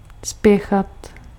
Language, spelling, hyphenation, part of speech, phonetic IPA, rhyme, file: Czech, spěchat, spě‧chat, verb, [ˈspjɛxat], -ɛxat, Cs-spěchat.ogg
- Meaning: to hurry, to hustle